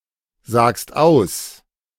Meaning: second-person singular present of aussagen
- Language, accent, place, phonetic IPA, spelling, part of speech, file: German, Germany, Berlin, [ˌzaːkst ˈaʊ̯s], sagst aus, verb, De-sagst aus.ogg